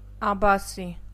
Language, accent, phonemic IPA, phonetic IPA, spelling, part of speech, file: Armenian, Eastern Armenian, /ɑbɑˈsi/, [ɑbɑsí], աբասի, noun, Hy-աբասի.ogg
- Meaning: 1. abbasi (silver coin in Persia) 2. abazi (silver coin in Georgia) 3. abbasi (coin worth 20 kopeks in Transcaucasia)